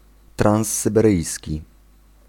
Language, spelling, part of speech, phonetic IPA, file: Polish, transsyberyjski, adjective, [ˌtrãw̃sːɨbɛˈrɨjsʲci], Pl-transsyberyjski.ogg